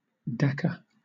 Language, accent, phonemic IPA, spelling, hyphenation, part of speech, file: English, Southern England, /ˈdæ.kə/, Dhaka, Dha‧ka, proper noun, LL-Q1860 (eng)-Dhaka.wav
- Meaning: 1. The capital city of Bangladesh 2. The capital city of Bangladesh.: The Bangladeshi government 3. A district of Bangladesh, where the capital is located in